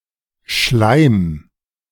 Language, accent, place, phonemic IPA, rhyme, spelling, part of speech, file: German, Germany, Berlin, /ʃlaɪ̯m/, -aɪ̯m, Schleim, noun, De-Schleim.ogg
- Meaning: 1. mucus, slime (viscous bodily secretion) 2. any viscous matter, e.g. pap